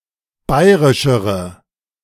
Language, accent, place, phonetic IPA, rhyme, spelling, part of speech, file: German, Germany, Berlin, [ˈbaɪ̯ʁɪʃəʁə], -aɪ̯ʁɪʃəʁə, bayrischere, adjective, De-bayrischere.ogg
- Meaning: inflection of bayrisch: 1. strong/mixed nominative/accusative feminine singular comparative degree 2. strong nominative/accusative plural comparative degree